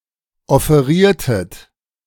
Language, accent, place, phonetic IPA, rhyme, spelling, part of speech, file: German, Germany, Berlin, [ɔfeˈʁiːɐ̯tət], -iːɐ̯tət, offeriertet, verb, De-offeriertet.ogg
- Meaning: inflection of offerieren: 1. second-person plural preterite 2. second-person plural subjunctive II